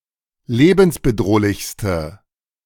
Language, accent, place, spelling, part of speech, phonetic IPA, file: German, Germany, Berlin, lebensbedrohlichste, adjective, [ˈleːbn̩sbəˌdʁoːlɪçstə], De-lebensbedrohlichste.ogg
- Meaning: inflection of lebensbedrohlich: 1. strong/mixed nominative/accusative feminine singular superlative degree 2. strong nominative/accusative plural superlative degree